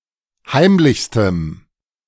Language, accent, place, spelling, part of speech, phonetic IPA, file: German, Germany, Berlin, heimlichstem, adjective, [ˈhaɪ̯mlɪçstəm], De-heimlichstem.ogg
- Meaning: strong dative masculine/neuter singular superlative degree of heimlich